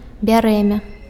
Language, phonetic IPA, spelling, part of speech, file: Belarusian, [bʲaˈrɛmʲa], бярэмя, noun, Be-бярэмя.ogg
- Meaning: 1. armful 2. burden